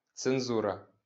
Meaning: censorship
- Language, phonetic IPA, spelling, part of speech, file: Ukrainian, [t͡senˈzurɐ], цензура, noun, LL-Q8798 (ukr)-цензура.wav